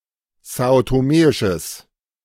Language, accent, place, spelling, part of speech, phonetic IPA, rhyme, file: German, Germany, Berlin, são-toméisches, adjective, [ˌzaːotoˈmeːɪʃəs], -eːɪʃəs, De-são-toméisches.ogg
- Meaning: strong/mixed nominative/accusative neuter singular of são-toméisch